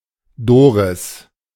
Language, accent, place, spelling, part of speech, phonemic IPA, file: German, Germany, Berlin, Doris, proper noun, /ˈdoːʁɪs/, De-Doris.ogg
- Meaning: a female given name from English, popular in the mid-twentieth century